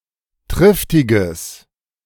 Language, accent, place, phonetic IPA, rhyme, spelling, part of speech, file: German, Germany, Berlin, [ˈtʁɪftɪɡəs], -ɪftɪɡəs, triftiges, adjective, De-triftiges.ogg
- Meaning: strong/mixed nominative/accusative neuter singular of triftig